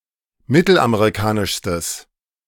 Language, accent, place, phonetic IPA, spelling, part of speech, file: German, Germany, Berlin, [ˈmɪtl̩ʔameʁiˌkaːnɪʃstəs], mittelamerikanischstes, adjective, De-mittelamerikanischstes.ogg
- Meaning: strong/mixed nominative/accusative neuter singular superlative degree of mittelamerikanisch